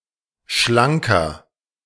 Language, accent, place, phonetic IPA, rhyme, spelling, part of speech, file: German, Germany, Berlin, [ˈʃlaŋkɐ], -aŋkɐ, schlanker, adjective, De-schlanker.ogg
- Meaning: 1. comparative degree of schlank 2. inflection of schlank: strong/mixed nominative masculine singular 3. inflection of schlank: strong genitive/dative feminine singular